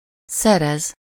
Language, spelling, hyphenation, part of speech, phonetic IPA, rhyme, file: Hungarian, szerez, sze‧rez, verb, [ˈsɛrɛz], -ɛz, Hu-szerez.ogg
- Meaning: 1. to obtain, get, acquire, procure, earn 2. to cause, induce, give, bring about (emotions, to someone: -nak/-nek) 3. to compose, author (music or sometimes literary works)